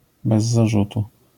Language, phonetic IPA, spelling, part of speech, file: Polish, [ˌbɛz‿ːaˈʒutu], bez zarzutu, adverbial phrase, LL-Q809 (pol)-bez zarzutu.wav